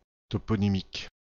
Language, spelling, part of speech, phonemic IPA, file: French, toponymique, adjective, /tɔ.pɔ.ni.mik/, FR-toponymique.ogg
- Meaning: toponymic